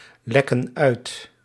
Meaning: inflection of uitlekken: 1. plural present indicative 2. plural present subjunctive
- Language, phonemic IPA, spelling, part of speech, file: Dutch, /ˈlɛkə(n) ˈœyt/, lekken uit, verb, Nl-lekken uit.ogg